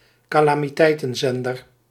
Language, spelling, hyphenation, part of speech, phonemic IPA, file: Dutch, calamiteitenzender, ca‧la‧mi‧tei‧ten‧zen‧der, noun, /kaː.laː.miˈtɛi̯.tə(n)ˌzɛn.dər/, Nl-calamiteitenzender.ogg
- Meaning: a public television channel that will broadcast in case of a disaster